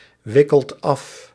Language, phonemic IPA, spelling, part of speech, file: Dutch, /ˈwɪkəlt ˈɑf/, wikkelt af, verb, Nl-wikkelt af.ogg
- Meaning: inflection of afwikkelen: 1. second/third-person singular present indicative 2. plural imperative